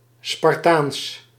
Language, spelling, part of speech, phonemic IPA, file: Dutch, Spartaans, adjective, /spɑrˈtans/, Nl-Spartaans.ogg
- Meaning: 1. Spartan 2. spartan (austere and manly)